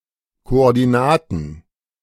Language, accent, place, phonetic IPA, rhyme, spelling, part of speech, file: German, Germany, Berlin, [koʔɔʁdiˈnaːtn̩], -aːtn̩, Koordinaten, noun, De-Koordinaten.ogg
- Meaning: plural of Koordinate